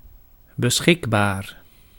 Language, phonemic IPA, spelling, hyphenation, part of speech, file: Dutch, /bəˈsxɪkˌbaːr/, beschikbaar, be‧schik‧baar, adjective, Nl-beschikbaar.ogg
- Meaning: available